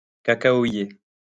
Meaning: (adjective) cocoa; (noun) cacao (tree)
- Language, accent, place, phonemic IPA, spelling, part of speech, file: French, France, Lyon, /ka.ka.ɔ.je/, cacaoyer, adjective / noun, LL-Q150 (fra)-cacaoyer.wav